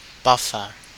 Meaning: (noun) Someone or something that buffs (polishes and makes shiny).: 1. A machine with rotary brushes, passed over a hard floor to clean it 2. A machine for polishing shoes and boots
- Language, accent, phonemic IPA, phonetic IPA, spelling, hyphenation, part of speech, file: English, Australia, /ˈbafə(ɹ)/, [ˈbäfə(ɹ)], buffer, buff‧er, noun / adjective / verb, En-au-buffer.ogg